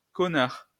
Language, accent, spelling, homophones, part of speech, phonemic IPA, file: French, France, connard, Cosnard, noun, /kɔ.naʁ/, LL-Q150 (fra)-connard.wav
- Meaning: bastard, jerk, asshole